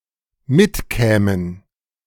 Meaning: first/third-person plural dependent subjunctive II of mitkommen
- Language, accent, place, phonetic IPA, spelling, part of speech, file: German, Germany, Berlin, [ˈmɪtˌkɛːmən], mitkämen, verb, De-mitkämen.ogg